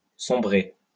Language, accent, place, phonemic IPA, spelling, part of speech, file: French, France, Lyon, /sɔ̃.bʁe/, sombrer, verb, LL-Q150 (fra)-sombrer.wav
- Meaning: 1. to sink 2. to sink (+dans; into) 3. to whittle away (disappear)